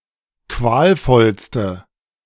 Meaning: inflection of qualvoll: 1. strong/mixed nominative/accusative feminine singular superlative degree 2. strong nominative/accusative plural superlative degree
- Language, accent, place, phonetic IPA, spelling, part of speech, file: German, Germany, Berlin, [ˈkvaːlˌfɔlstə], qualvollste, adjective, De-qualvollste.ogg